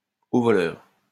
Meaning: stop thief!
- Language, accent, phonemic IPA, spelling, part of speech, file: French, France, /o vɔ.lœʁ/, au voleur, interjection, LL-Q150 (fra)-au voleur.wav